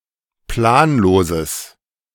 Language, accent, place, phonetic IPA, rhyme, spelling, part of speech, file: German, Germany, Berlin, [ˈplaːnˌloːzəs], -aːnloːzəs, planloses, adjective, De-planloses.ogg
- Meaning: strong/mixed nominative/accusative neuter singular of planlos